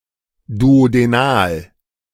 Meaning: duodenal
- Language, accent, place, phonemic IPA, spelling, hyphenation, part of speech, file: German, Germany, Berlin, /duodeˈnaːl/, duodenal, du‧o‧de‧nal, adjective, De-duodenal.ogg